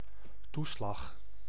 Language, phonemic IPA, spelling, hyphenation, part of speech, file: Dutch, /ˈtu.slɑx/, toeslag, toe‧slag, noun, Nl-toeslag.ogg
- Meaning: 1. premium, charge, surcharge 2. entitlement, benefit, allowance, bonus